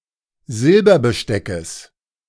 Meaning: genitive singular of Silberbesteck
- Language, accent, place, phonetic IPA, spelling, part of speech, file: German, Germany, Berlin, [ˈzɪlbɐbəˌʃtɛkəs], Silberbesteckes, noun, De-Silberbesteckes.ogg